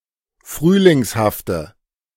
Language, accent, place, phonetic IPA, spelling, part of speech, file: German, Germany, Berlin, [ˈfʁyːlɪŋshaftə], frühlingshafte, adjective, De-frühlingshafte.ogg
- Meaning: inflection of frühlingshaft: 1. strong/mixed nominative/accusative feminine singular 2. strong nominative/accusative plural 3. weak nominative all-gender singular